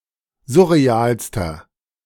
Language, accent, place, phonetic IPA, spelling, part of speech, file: German, Germany, Berlin, [ˈzʊʁeˌaːlstɐ], surrealster, adjective, De-surrealster.ogg
- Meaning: inflection of surreal: 1. strong/mixed nominative masculine singular superlative degree 2. strong genitive/dative feminine singular superlative degree 3. strong genitive plural superlative degree